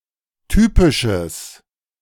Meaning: strong/mixed nominative/accusative neuter singular of typisch
- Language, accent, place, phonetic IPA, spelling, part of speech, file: German, Germany, Berlin, [ˈtyːpɪʃəs], typisches, adjective, De-typisches.ogg